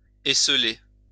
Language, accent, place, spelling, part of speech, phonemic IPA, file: French, France, Lyon, esseuler, verb, /e.sœ.le/, LL-Q150 (fra)-esseuler.wav
- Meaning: 1. to isolate 2. to isolate oneself